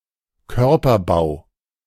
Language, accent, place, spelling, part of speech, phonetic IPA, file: German, Germany, Berlin, Körperbau, noun, [ˈkœʁpɐˌbaʊ̯], De-Körperbau.ogg
- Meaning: build; physique; figure (of the body, particularly the bones and muscles)